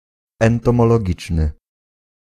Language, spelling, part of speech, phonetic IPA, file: Polish, entomologiczny, adjective, [ˌɛ̃ntɔ̃mɔlɔˈɟit͡ʃnɨ], Pl-entomologiczny.ogg